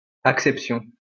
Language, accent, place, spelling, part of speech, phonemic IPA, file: French, France, Lyon, acception, noun, /ak.sɛp.sjɔ̃/, LL-Q150 (fra)-acception.wav
- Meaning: meaning, sense (of a word), acceptation